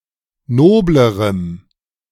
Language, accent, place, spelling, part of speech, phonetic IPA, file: German, Germany, Berlin, noblerem, adjective, [ˈnoːbləʁəm], De-noblerem.ogg
- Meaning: strong dative masculine/neuter singular comparative degree of nobel